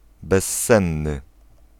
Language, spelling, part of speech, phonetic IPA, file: Polish, bezsenny, adjective, [bɛsˈːɛ̃nːɨ], Pl-bezsenny.ogg